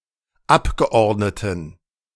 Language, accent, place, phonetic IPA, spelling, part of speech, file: German, Germany, Berlin, [ˈapɡəˌʔɔʁdnətn̩], Abgeordneten, noun, De-Abgeordneten.ogg
- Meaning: inflection of Abgeordneter: 1. strong genitive/accusative singular 2. strong dative plural 3. weak/mixed genitive/dative/accusative singular 4. weak/mixed all-case plural